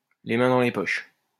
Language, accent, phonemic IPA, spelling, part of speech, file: French, France, /le mɛ̃ dɑ̃ le pɔʃ/, les mains dans les poches, adverb, LL-Q150 (fra)-les mains dans les poches.wav
- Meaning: casually, nonchalantly, in an offhand manner, with a devil-may-care attitude